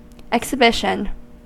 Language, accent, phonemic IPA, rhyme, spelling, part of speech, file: English, US, /ɛksɪˈbɪʃən/, -ɪʃən, exhibition, noun / verb, En-us-exhibition.ogg
- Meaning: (noun) 1. An instance of exhibiting, or something exhibited 2. A large-scale public showing of objects or products 3. A public display, intentional or otherwise, generally characterised as negative